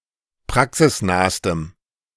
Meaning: strong dative masculine/neuter singular superlative degree of praxisnah
- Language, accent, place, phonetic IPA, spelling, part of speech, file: German, Germany, Berlin, [ˈpʁaksɪsˌnaːstəm], praxisnahstem, adjective, De-praxisnahstem.ogg